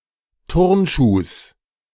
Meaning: genitive singular of Turnschuh
- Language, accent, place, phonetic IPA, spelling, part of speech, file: German, Germany, Berlin, [ˈtʊʁnˌʃuːs], Turnschuhs, noun, De-Turnschuhs.ogg